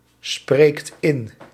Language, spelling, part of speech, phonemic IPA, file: Dutch, spreekt in, verb, /ˈsprekt ˈɪn/, Nl-spreekt in.ogg
- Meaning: inflection of inspreken: 1. second/third-person singular present indicative 2. plural imperative